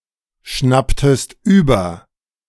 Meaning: inflection of überschnappen: 1. second-person singular preterite 2. second-person singular subjunctive II
- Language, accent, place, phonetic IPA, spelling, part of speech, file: German, Germany, Berlin, [ˌʃnaptəst ˈyːbɐ], schnapptest über, verb, De-schnapptest über.ogg